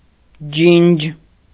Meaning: clear, transparent, limpid; clean, pure
- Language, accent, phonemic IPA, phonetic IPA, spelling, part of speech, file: Armenian, Eastern Armenian, /d͡ʒind͡ʒ/, [d͡ʒind͡ʒ], ջինջ, adjective, Hy-ջինջ.ogg